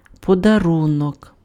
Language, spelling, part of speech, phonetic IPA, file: Ukrainian, подарунок, noun, [pɔdɐˈrunɔk], Uk-подарунок.ogg
- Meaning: present, gift